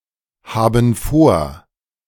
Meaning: inflection of vorhaben: 1. first/third-person plural present 2. first/third-person plural subjunctive I
- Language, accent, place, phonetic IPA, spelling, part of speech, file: German, Germany, Berlin, [ˌhaːbn̩ ˈfoːɐ̯], haben vor, verb, De-haben vor.ogg